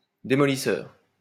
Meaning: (adjective) destructive; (noun) wrecker (demolition worker)
- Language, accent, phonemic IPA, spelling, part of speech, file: French, France, /de.mɔ.li.sœʁ/, démolisseur, adjective / noun, LL-Q150 (fra)-démolisseur.wav